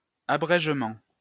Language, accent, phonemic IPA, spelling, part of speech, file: French, France, /a.bʁɛʒ.mɑ̃/, abrègement, noun, LL-Q150 (fra)-abrègement.wav
- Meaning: post-1990 spelling of abrégement